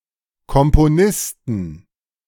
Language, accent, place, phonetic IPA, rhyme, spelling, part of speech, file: German, Germany, Berlin, [ˌkɔmpoˈnɪstn̩], -ɪstn̩, Komponisten, noun, De-Komponisten.ogg
- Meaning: 1. genitive singular of Komponist 2. plural of Komponist